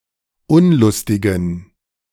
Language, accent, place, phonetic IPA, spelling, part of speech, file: German, Germany, Berlin, [ˈʊnlʊstɪɡn̩], unlustigen, adjective, De-unlustigen.ogg
- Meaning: inflection of unlustig: 1. strong genitive masculine/neuter singular 2. weak/mixed genitive/dative all-gender singular 3. strong/weak/mixed accusative masculine singular 4. strong dative plural